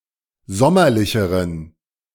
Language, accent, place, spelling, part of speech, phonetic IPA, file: German, Germany, Berlin, sommerlicheren, adjective, [ˈzɔmɐlɪçəʁən], De-sommerlicheren.ogg
- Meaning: inflection of sommerlich: 1. strong genitive masculine/neuter singular comparative degree 2. weak/mixed genitive/dative all-gender singular comparative degree